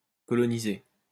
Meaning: past participle of coloniser
- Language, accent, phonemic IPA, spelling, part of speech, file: French, France, /kɔ.lɔ.ni.ze/, colonisé, verb, LL-Q150 (fra)-colonisé.wav